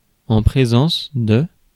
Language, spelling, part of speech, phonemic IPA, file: French, présence, noun, /pʁe.zɑ̃s/, Fr-présence.ogg
- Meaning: presence